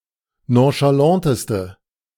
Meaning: inflection of nonchalant: 1. strong/mixed nominative/accusative feminine singular superlative degree 2. strong nominative/accusative plural superlative degree
- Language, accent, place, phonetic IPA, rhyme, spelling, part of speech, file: German, Germany, Berlin, [ˌnõʃaˈlantəstə], -antəstə, nonchalanteste, adjective, De-nonchalanteste.ogg